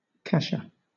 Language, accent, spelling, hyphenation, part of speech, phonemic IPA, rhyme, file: English, Southern England, kasha, ka‧sha, noun, /ˈkɑʃə/, -ɑʃə, LL-Q1860 (eng)-kasha.wav
- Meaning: 1. A porridge made from boiled buckwheat groats, or sometimes from other cereal groats 2. A kind of dry curry from Bengal